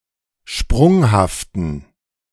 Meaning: inflection of sprunghaft: 1. strong genitive masculine/neuter singular 2. weak/mixed genitive/dative all-gender singular 3. strong/weak/mixed accusative masculine singular 4. strong dative plural
- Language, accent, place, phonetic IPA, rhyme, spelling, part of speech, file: German, Germany, Berlin, [ˈʃpʁʊŋhaftn̩], -ʊŋhaftn̩, sprunghaften, adjective, De-sprunghaften.ogg